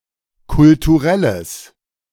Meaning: strong/mixed nominative/accusative neuter singular of kulturell
- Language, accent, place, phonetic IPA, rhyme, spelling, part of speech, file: German, Germany, Berlin, [kʊltuˈʁɛləs], -ɛləs, kulturelles, adjective, De-kulturelles.ogg